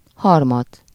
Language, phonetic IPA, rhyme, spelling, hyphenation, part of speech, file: Hungarian, [ˈhɒrmɒt], -ɒt, harmat, har‧mat, noun, Hu-harmat.ogg
- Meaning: dew